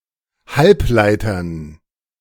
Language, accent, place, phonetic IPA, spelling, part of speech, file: German, Germany, Berlin, [ˈhalpˌlaɪ̯tɐn], Halbleitern, noun, De-Halbleitern.ogg
- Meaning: dative plural of Halbleiter